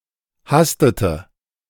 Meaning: inflection of hasten: 1. first/third-person singular preterite 2. first/third-person singular subjunctive II
- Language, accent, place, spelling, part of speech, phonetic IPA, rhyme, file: German, Germany, Berlin, hastete, verb, [ˈhastətə], -astətə, De-hastete.ogg